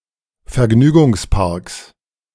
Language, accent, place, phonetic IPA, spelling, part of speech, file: German, Germany, Berlin, [fɛɐ̯ˈɡnyːɡʊŋsˌpaʁks], Vergnügungsparks, noun, De-Vergnügungsparks.ogg
- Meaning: 1. genitive singular of Vergnügungspark 2. plural of Vergnügungspark